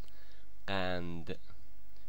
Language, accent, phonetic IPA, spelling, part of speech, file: Persian, Iran, [qæn̪d̪̥], قند, noun, Fa-قند.ogg
- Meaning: sugar cube